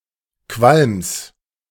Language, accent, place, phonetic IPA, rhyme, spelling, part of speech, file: German, Germany, Berlin, [kvalms], -alms, Qualms, noun, De-Qualms.ogg
- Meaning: genitive singular of Qualm